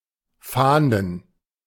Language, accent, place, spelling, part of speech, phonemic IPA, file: German, Germany, Berlin, fahnden, verb, /faːndən/, De-fahnden.ogg
- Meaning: to search (conduct an investigative search operation, usually for persons or stolen/illegal goods)